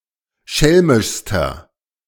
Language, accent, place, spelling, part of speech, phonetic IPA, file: German, Germany, Berlin, schelmischster, adjective, [ˈʃɛlmɪʃstɐ], De-schelmischster.ogg
- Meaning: inflection of schelmisch: 1. strong/mixed nominative masculine singular superlative degree 2. strong genitive/dative feminine singular superlative degree 3. strong genitive plural superlative degree